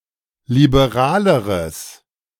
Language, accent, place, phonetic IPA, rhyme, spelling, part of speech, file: German, Germany, Berlin, [libeˈʁaːləʁəs], -aːləʁəs, liberaleres, adjective, De-liberaleres.ogg
- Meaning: strong/mixed nominative/accusative neuter singular comparative degree of liberal